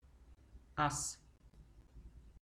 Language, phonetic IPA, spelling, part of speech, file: Bulgarian, [as], аз, pronoun, Bg-аз.ogg